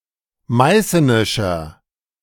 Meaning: inflection of meißenisch: 1. strong/mixed nominative masculine singular 2. strong genitive/dative feminine singular 3. strong genitive plural
- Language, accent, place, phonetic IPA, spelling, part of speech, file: German, Germany, Berlin, [ˈmaɪ̯sənɪʃɐ], meißenischer, adjective, De-meißenischer.ogg